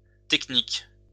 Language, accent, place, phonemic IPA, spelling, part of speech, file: French, France, Lyon, /tɛk.nik/, techniques, noun, LL-Q150 (fra)-techniques.wav
- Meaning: plural of technique